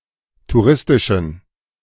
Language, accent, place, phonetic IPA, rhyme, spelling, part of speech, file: German, Germany, Berlin, [tuˈʁɪstɪʃn̩], -ɪstɪʃn̩, touristischen, adjective, De-touristischen.ogg
- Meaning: inflection of touristisch: 1. strong genitive masculine/neuter singular 2. weak/mixed genitive/dative all-gender singular 3. strong/weak/mixed accusative masculine singular 4. strong dative plural